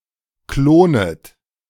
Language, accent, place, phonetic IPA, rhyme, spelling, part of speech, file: German, Germany, Berlin, [ˈkloːnət], -oːnət, klonet, verb, De-klonet.ogg
- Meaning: second-person plural subjunctive I of klonen